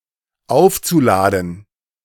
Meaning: zu-infinitive of aufladen
- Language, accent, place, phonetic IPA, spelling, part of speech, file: German, Germany, Berlin, [ˈaʊ̯ft͡suˌlaːdn̩], aufzuladen, verb, De-aufzuladen.ogg